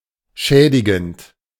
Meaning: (verb) present participle of schädigen; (adjective) 1. damaging 2. harmful
- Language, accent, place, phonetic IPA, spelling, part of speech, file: German, Germany, Berlin, [ˈʃɛːdɪɡn̩t], schädigend, verb, De-schädigend.ogg